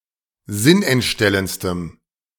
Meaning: strong dative masculine/neuter singular superlative degree of sinnentstellend
- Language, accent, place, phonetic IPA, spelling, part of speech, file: German, Germany, Berlin, [ˈzɪnʔɛntˌʃtɛlənt͡stəm], sinnentstellendstem, adjective, De-sinnentstellendstem.ogg